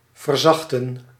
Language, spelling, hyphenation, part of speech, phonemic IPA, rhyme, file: Dutch, verzachten, ver‧zach‧ten, verb, /vərˈzɑx.tən/, -ɑxtən, Nl-verzachten.ogg
- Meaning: to soften